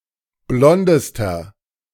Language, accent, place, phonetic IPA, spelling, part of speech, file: German, Germany, Berlin, [ˈblɔndəstɐ], blondester, adjective, De-blondester.ogg
- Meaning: inflection of blond: 1. strong/mixed nominative masculine singular superlative degree 2. strong genitive/dative feminine singular superlative degree 3. strong genitive plural superlative degree